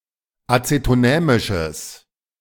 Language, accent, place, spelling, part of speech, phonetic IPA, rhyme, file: German, Germany, Berlin, azetonämisches, adjective, [ˌat͡setoˈnɛːmɪʃəs], -ɛːmɪʃəs, De-azetonämisches.ogg
- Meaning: strong/mixed nominative/accusative neuter singular of azetonämisch